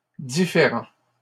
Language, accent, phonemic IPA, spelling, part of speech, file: French, Canada, /di.fe.ʁɑ̃/, différents, adjective, LL-Q150 (fra)-différents.wav
- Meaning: masculine plural of différent